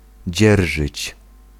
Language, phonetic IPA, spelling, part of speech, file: Polish, [ˈd͡ʑɛrʒɨt͡ɕ], dzierżyć, verb, Pl-dzierżyć.ogg